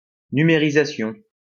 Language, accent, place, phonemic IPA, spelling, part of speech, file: French, France, Lyon, /ny.me.ʁi.za.sjɔ̃/, numérisation, noun, LL-Q150 (fra)-numérisation.wav
- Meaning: digitization